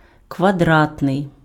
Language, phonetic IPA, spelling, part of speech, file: Ukrainian, [kʋɐˈdratnei̯], квадратний, adjective, Uk-квадратний.ogg
- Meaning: square